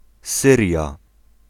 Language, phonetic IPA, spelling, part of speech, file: Polish, [ˈsɨrʲja], Syria, proper noun, Pl-Syria.ogg